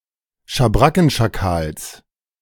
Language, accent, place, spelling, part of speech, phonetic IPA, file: German, Germany, Berlin, Schabrackenschakals, noun, [ʃaˈbʁakn̩ʃaˌkaːls], De-Schabrackenschakals.ogg
- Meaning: genitive singular of Schabrackenschakal